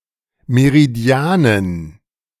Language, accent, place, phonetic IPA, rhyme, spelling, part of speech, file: German, Germany, Berlin, [meʁiˈdi̯aːnən], -aːnən, Meridianen, noun, De-Meridianen.ogg
- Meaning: dative plural of Meridian